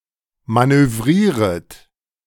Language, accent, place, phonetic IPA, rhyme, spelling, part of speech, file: German, Germany, Berlin, [ˌmanøˈvʁiːʁət], -iːʁət, manövrieret, verb, De-manövrieret.ogg
- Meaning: second-person plural subjunctive I of manövrieren